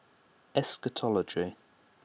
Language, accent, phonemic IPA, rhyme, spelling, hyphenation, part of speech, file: English, UK, /ˌɛsk.əˈtɒl.ə.d͡ʒi/, -ɒlədʒi, eschatology, es‧cha‧to‧lo‧gy, noun, En-uk-eschatology.ogg
- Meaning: A system of doctrines concerning final matters, such as death